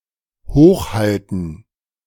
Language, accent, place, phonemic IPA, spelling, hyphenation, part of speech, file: German, Germany, Berlin, /ˈhoːxˌhaltən/, hochhalten, hoch‧hal‧ten, verb, De-hochhalten.ogg
- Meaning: 1. to hold up; to raise (move to and keep in a high position) 2. to keep up (prevent from sinking) 3. to uphold; to honour; to be proud of 4. to juggle the ball in the air; to play keepy uppy